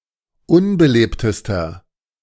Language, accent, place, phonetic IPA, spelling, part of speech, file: German, Germany, Berlin, [ˈʊnbəˌleːptəstɐ], unbelebtester, adjective, De-unbelebtester.ogg
- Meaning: inflection of unbelebt: 1. strong/mixed nominative masculine singular superlative degree 2. strong genitive/dative feminine singular superlative degree 3. strong genitive plural superlative degree